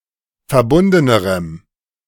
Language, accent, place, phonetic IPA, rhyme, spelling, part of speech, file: German, Germany, Berlin, [fɛɐ̯ˈbʊndənəʁəm], -ʊndənəʁəm, verbundenerem, adjective, De-verbundenerem.ogg
- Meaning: strong dative masculine/neuter singular comparative degree of verbunden